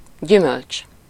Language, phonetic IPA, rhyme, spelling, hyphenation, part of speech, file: Hungarian, [ˈɟymølt͡ʃ], -ølt͡ʃ, gyümölcs, gyü‧mölcs, noun, Hu-gyümölcs.ogg
- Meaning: 1. fruit (typically sweet or sour edible part of a plant) 2. fruit (an end result, effect, or consequence; advantageous or disadvantageous result)